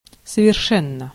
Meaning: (adverb) 1. perfectly 2. absolutely, quite, totally, utterly; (adjective) 1. it is perfect 2. it is absolute, it is complete 3. short neuter singular of соверше́нный (soveršénnyj)
- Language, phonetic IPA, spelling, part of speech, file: Russian, [səvʲɪrˈʂɛnːə], совершенно, adverb / adjective, Ru-совершенно.ogg